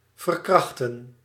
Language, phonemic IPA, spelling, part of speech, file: Dutch, /vər.ˈkrɑx.tə(n)/, verkrachtten, verb, Nl-verkrachtten.ogg
- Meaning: inflection of verkrachten: 1. plural past indicative 2. plural past subjunctive